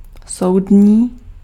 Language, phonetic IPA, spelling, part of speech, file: Czech, [ˈsou̯dɲiː], soudní, adjective, Cs-soudní.ogg
- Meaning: judicial